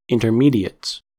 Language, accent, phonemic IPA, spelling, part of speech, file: English, US, /ɪn.tɚˈmi.di.əts/, intermediates, noun, En-us-intermediates.ogg
- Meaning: plural of intermediate